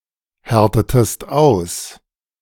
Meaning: inflection of aushärten: 1. second-person singular preterite 2. second-person singular subjunctive II
- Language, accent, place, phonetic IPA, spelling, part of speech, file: German, Germany, Berlin, [ˌhɛʁtətəst ˈaʊ̯s], härtetest aus, verb, De-härtetest aus.ogg